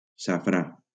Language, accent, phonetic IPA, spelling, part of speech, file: Catalan, Valencia, [saˈfɾa], safrà, noun, LL-Q7026 (cat)-safrà.wav
- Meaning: saffron